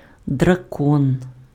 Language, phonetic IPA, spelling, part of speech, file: Ukrainian, [drɐˈkɔn], дракон, noun, Uk-дракон.ogg
- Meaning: dragon (mythical creature)